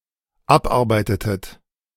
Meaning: inflection of abarbeiten: 1. second-person plural dependent preterite 2. second-person plural dependent subjunctive II
- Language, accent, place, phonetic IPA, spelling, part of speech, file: German, Germany, Berlin, [ˈapˌʔaʁbaɪ̯tətət], abarbeitetet, verb, De-abarbeitetet.ogg